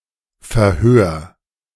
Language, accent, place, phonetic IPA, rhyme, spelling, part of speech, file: German, Germany, Berlin, [fɛɐ̯ˈhøːɐ̯], -øːɐ̯, verhör, verb, De-verhör.ogg
- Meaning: 1. singular imperative of verhören 2. first-person singular present of verhören